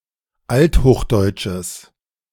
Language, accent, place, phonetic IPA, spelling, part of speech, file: German, Germany, Berlin, [ˈalthoːxˌdɔɪ̯tʃəs], althochdeutsches, adjective, De-althochdeutsches.ogg
- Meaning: strong/mixed nominative/accusative neuter singular of althochdeutsch